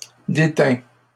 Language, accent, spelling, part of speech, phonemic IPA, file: French, Canada, déteins, verb, /de.tɛ̃/, LL-Q150 (fra)-déteins.wav
- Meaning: inflection of déteindre: 1. first/second-person singular present indicative 2. second-person singular imperative